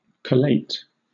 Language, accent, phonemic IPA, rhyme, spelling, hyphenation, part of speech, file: English, Southern England, /kəˈleɪt/, -eɪt, collate, col‧late, verb, LL-Q1860 (eng)-collate.wav
- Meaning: 1. To examine diverse documents and so on, to discover similarities and differences 2. To assemble something in a logical sequence